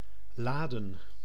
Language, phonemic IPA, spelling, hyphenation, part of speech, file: Dutch, /ˈlaːdə(n)/, laden, la‧den, verb / noun, Nl-laden.ogg
- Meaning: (verb) 1. to load (cargo, a weapon, data) 2. to charge (with electricity) 3. to convocate 4. to invite; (noun) 1. plural of lade 2. plural of la